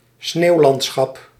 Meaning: snowscape, snowy landscape
- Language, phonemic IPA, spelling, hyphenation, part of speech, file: Dutch, /ˈsneːu̯ˌlɑnt.sxɑp/, sneeuwlandschap, sneeuw‧land‧schap, noun, Nl-sneeuwlandschap.ogg